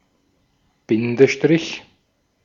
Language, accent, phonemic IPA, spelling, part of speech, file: German, Austria, /ˈbɪndəʃtʁɪç/, Bindestrich, noun, De-at-Bindestrich.ogg
- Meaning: hyphen (symbol used to join words or to indicate a word has been split)